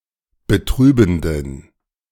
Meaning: inflection of betrübend: 1. strong genitive masculine/neuter singular 2. weak/mixed genitive/dative all-gender singular 3. strong/weak/mixed accusative masculine singular 4. strong dative plural
- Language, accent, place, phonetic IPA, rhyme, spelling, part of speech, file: German, Germany, Berlin, [bəˈtʁyːbn̩dən], -yːbn̩dən, betrübenden, adjective, De-betrübenden.ogg